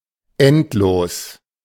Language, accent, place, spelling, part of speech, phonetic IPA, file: German, Germany, Berlin, endlos, adjective, [ˈɛntˌloːs], De-endlos.ogg
- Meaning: endless